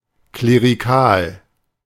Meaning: clerical
- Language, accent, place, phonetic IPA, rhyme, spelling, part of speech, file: German, Germany, Berlin, [kleːʁiˈkaːl], -aːl, klerikal, adjective, De-klerikal.ogg